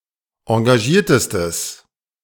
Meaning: strong/mixed nominative/accusative neuter singular superlative degree of engagiert
- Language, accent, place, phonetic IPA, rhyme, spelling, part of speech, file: German, Germany, Berlin, [ɑ̃ɡaˈʒiːɐ̯təstəs], -iːɐ̯təstəs, engagiertestes, adjective, De-engagiertestes.ogg